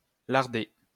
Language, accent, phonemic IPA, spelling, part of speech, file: French, France, /laʁ.de/, larder, verb, LL-Q150 (fra)-larder.wav
- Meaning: 1. to lard; to smear food with lard 2. to stab; to pierce